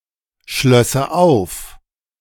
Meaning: first/third-person singular subjunctive II of aufschließen
- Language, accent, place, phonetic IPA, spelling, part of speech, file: German, Germany, Berlin, [ˌʃlœsə ˈaʊ̯f], schlösse auf, verb, De-schlösse auf.ogg